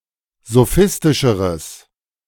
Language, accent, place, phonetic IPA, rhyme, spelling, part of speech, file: German, Germany, Berlin, [zoˈfɪstɪʃəʁəs], -ɪstɪʃəʁəs, sophistischeres, adjective, De-sophistischeres.ogg
- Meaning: strong/mixed nominative/accusative neuter singular comparative degree of sophistisch